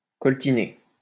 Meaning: 1. to lug, to carry on the shoulder 2. to get lumbered with, to get stuck with
- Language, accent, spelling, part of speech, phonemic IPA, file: French, France, coltiner, verb, /kɔl.ti.ne/, LL-Q150 (fra)-coltiner.wav